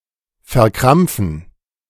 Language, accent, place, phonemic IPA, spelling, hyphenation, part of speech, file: German, Germany, Berlin, /fɛɐ̯ˈkʁamp͡fn̩/, verkrampfen, ver‧kramp‧fen, verb, De-verkrampfen.ogg
- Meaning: to cramp